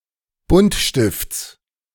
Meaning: genitive singular of Buntstift
- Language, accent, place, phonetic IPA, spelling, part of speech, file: German, Germany, Berlin, [ˈbʊntˌʃtɪft͡s], Buntstifts, noun, De-Buntstifts.ogg